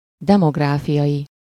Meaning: demographical
- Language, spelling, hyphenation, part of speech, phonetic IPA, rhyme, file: Hungarian, demográfiai, de‧mog‧rá‧fi‧ai, adjective, [ˈdɛmoɡraːfijɒji], -ji, Hu-demográfiai.ogg